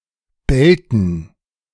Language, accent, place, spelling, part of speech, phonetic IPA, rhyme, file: German, Germany, Berlin, Belten, noun, [ˈbɛltn̩], -ɛltn̩, De-Belten.ogg
- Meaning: dative plural of Belt